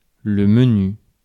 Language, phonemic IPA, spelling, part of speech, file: French, /mə.ny/, menu, adjective / noun, Fr-menu.ogg
- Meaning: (adjective) 1. slim, small, fine 2. minor, trifling; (noun) 1. detailed list 2. menu; a set meal on a menu